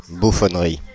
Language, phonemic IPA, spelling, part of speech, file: French, /bu.fɔn.ʁi/, bouffonnerie, noun, Fr-bouffonnerie.ogg
- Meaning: 1. buffoonery 2. farce